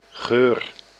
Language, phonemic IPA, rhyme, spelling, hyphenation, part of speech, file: Dutch, /ɣøːr/, -øːr, geur, geur, noun / verb, Nl-geur.ogg
- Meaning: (noun) 1. a scent, smell, odour, odor 2. (notably the diminutive, with the indefinite article: een geurtje) An appearance, something associated, especially in a negative sense